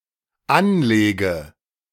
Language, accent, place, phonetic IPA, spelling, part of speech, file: German, Germany, Berlin, [ˈanˌleːɡə], anlege, verb, De-anlege.ogg
- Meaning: inflection of anlegen: 1. first-person singular dependent present 2. first/third-person singular dependent subjunctive I